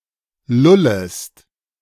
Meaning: second-person singular subjunctive I of lullen
- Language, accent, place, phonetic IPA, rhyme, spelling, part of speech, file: German, Germany, Berlin, [ˈlʊləst], -ʊləst, lullest, verb, De-lullest.ogg